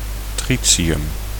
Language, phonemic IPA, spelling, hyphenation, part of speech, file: Dutch, /ˈtrisijʏm/, tritium, tri‧ti‧um, noun, Nl-tritium.ogg
- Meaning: tritium